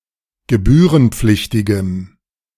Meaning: strong dative masculine/neuter singular of gebührenpflichtig
- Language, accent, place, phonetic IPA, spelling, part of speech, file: German, Germany, Berlin, [ɡəˈbyːʁənˌp͡flɪçtɪɡəm], gebührenpflichtigem, adjective, De-gebührenpflichtigem.ogg